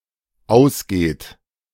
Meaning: inflection of ausgehen: 1. third-person singular dependent present 2. second-person plural dependent present
- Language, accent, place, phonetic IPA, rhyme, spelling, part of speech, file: German, Germany, Berlin, [ˈaʊ̯sˌɡeːt], -aʊ̯sɡeːt, ausgeht, verb, De-ausgeht.ogg